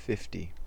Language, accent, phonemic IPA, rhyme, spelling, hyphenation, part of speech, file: English, General American, /ˈfɪfti/, -ɪfti, fifty, fif‧ty, numeral / noun, En-us-fifty.ogg
- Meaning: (numeral) The cardinal number occurring after forty-nine and before fifty-one; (noun) 1. A banknote or coin with a denomination of 50 2. A batsman's score of at least 50 runs and less than 100 runs